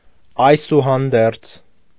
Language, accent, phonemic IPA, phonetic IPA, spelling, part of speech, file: Armenian, Eastern Armenian, /ɑjsuhɑnˈdeɾt͡sʰ/, [ɑjsuhɑndéɾt͡sʰ], այսուհանդերձ, conjunction, Hy-այսուհանդերձ.ogg
- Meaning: despite, notwithstanding, regardless, however